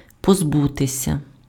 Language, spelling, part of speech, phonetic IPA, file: Ukrainian, позбутися, verb, [pozˈbutesʲɐ], Uk-позбутися.ogg
- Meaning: 1. to lose, to shed, to jettison 2. to get rid of, to rid oneself of, to be rid of